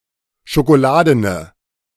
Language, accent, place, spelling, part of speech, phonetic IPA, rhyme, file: German, Germany, Berlin, schokoladene, adjective, [ʃokoˈlaːdənə], -aːdənə, De-schokoladene.ogg
- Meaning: inflection of schokoladen: 1. strong/mixed nominative/accusative feminine singular 2. strong nominative/accusative plural 3. weak nominative all-gender singular